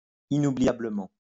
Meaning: unforgettably
- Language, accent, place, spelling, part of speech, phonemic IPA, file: French, France, Lyon, inoubliablement, adverb, /i.nu.bli.ja.blə.mɑ̃/, LL-Q150 (fra)-inoubliablement.wav